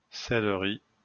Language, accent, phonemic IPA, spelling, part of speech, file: French, France, /sɛl.ʁi/, cèleri, noun, LL-Q150 (fra)-cèleri.wav
- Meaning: alternative spelling of céleri